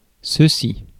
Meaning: this
- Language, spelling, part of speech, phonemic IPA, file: French, ceci, pronoun, /sə.si/, Fr-ceci.ogg